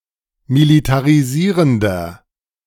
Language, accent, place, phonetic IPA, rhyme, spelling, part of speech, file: German, Germany, Berlin, [militaʁiˈziːʁəndɐ], -iːʁəndɐ, militarisierender, adjective, De-militarisierender.ogg
- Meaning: inflection of militarisierend: 1. strong/mixed nominative masculine singular 2. strong genitive/dative feminine singular 3. strong genitive plural